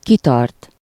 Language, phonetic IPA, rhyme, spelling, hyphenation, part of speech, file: Hungarian, [ˈkitɒrt], -ɒrt, kitart, ki‧tart, verb, Hu-kitart.ogg
- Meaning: 1. to hold out (to extend forward) 2. to keep (to supply with necessities and financially support a person) 3. to be persistent, to hold out, to hold on, to endure